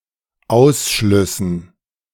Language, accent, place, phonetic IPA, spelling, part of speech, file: German, Germany, Berlin, [ˈaʊ̯sˌʃlʏsn̩], Ausschlüssen, noun, De-Ausschlüssen.ogg
- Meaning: dative plural of Ausschluss